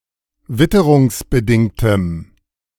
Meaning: strong dative masculine/neuter singular of witterungsbedingt
- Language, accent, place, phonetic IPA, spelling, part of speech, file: German, Germany, Berlin, [ˈvɪtəʁʊŋsbəˌdɪŋtəm], witterungsbedingtem, adjective, De-witterungsbedingtem.ogg